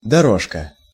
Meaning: 1. diminutive of доро́га (doróga): small road, path 2. alley, walkway, footpath, lane, track, trail 3. track, lane 4. track 5. runner, rug 6. runway 7. channel 8. strip, stripe, trace
- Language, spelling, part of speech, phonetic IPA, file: Russian, дорожка, noun, [dɐˈroʂkə], Ru-дорожка.ogg